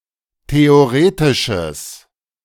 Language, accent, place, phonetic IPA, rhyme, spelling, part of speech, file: German, Germany, Berlin, [teoˈʁeːtɪʃəs], -eːtɪʃəs, theoretisches, adjective, De-theoretisches.ogg
- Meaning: strong/mixed nominative/accusative neuter singular of theoretisch